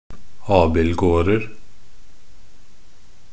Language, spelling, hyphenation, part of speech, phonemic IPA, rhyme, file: Norwegian Bokmål, abildgårder, ab‧ild‧gård‧er, noun, /ˈɑːbɪlɡoːrər/, -ər, Nb-abildgårder.ogg
- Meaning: indefinite plural of abildgård